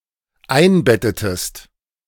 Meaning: inflection of einbetten: 1. second-person singular dependent preterite 2. second-person singular dependent subjunctive II
- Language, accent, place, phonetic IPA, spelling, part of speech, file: German, Germany, Berlin, [ˈaɪ̯nˌbɛtətəst], einbettetest, verb, De-einbettetest.ogg